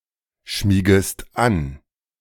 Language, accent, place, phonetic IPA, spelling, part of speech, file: German, Germany, Berlin, [ˌʃmiːɡəst ˈan], schmiegest an, verb, De-schmiegest an.ogg
- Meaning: second-person singular subjunctive I of anschmiegen